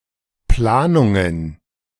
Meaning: plural of Planung
- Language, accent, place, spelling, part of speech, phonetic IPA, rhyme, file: German, Germany, Berlin, Planungen, noun, [ˈplaːnʊŋən], -aːnʊŋən, De-Planungen.ogg